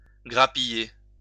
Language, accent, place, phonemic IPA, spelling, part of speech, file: French, France, Lyon, /ɡʁa.pi.je/, grappiller, verb, LL-Q150 (fra)-grappiller.wav
- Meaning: 1. to pick (grapes in a vine after the main harvest) 2. to scrape together, rake together